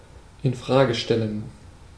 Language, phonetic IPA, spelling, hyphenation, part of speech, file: German, [ɪnˈfʁaːɡə ˈʃtɛlən], infrage stellen, in‧fra‧ge stel‧len, verb, De-infrage stellen.ogg
- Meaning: alternative form of in Frage stellen